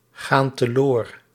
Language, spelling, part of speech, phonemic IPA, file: Dutch, gaan teloor, verb, /ˈɣan təˈlor/, Nl-gaan teloor.ogg
- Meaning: inflection of teloorgaan: 1. plural present indicative 2. plural present subjunctive